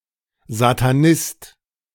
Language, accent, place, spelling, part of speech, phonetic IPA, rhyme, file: German, Germany, Berlin, Satanist, noun, [zataˈnɪst], -ɪst, De-Satanist.ogg
- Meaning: Satanist